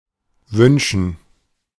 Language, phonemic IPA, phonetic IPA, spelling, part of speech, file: German, /ˈvʏnʃən/, [ˈvʏnʃn̩], wünschen, verb, De-wünschen.oga
- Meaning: 1. to wish for; to make a wish for; to want; to desire 2. to wish 3. to demand, to order 4. to tolerate, to brook